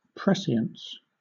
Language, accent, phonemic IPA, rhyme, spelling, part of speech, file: English, Southern England, /ˈpɹɛsɪ.əns/, -ɛsɪəns, prescience, noun, LL-Q1860 (eng)-prescience.wav
- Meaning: Knowledge of events before they take place.: Such knowledge that is supernatural or paranormal in nature, including the prediction of things that nobody could have known by the ordinary senses